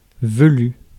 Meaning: 1. hairy 2. villous
- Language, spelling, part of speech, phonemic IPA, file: French, velu, adjective, /və.ly/, Fr-velu.ogg